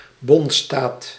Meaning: a federation; a country made up of substate regions with a degree of autonomy
- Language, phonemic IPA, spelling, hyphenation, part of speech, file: Dutch, /ˈbɔnt.staːt/, bondsstaat, bonds‧staat, noun, Nl-bondsstaat.ogg